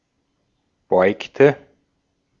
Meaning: inflection of beugen: 1. first/third-person singular preterite 2. first/third-person singular subjunctive II
- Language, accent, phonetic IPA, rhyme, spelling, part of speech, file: German, Austria, [ˈbɔɪ̯ktə], -ɔɪ̯ktə, beugte, verb, De-at-beugte.ogg